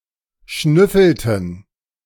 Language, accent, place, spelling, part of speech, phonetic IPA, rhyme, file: German, Germany, Berlin, schnüffelten, verb, [ˈʃnʏfl̩tn̩], -ʏfl̩tn̩, De-schnüffelten.ogg
- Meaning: inflection of schnüffeln: 1. first/third-person plural preterite 2. first/third-person plural subjunctive II